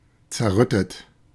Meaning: past participle of zerrütten
- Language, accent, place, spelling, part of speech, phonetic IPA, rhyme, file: German, Germany, Berlin, zerrüttet, adjective / verb, [t͡sɛɐ̯ˈʁʏtət], -ʏtət, De-zerrüttet.ogg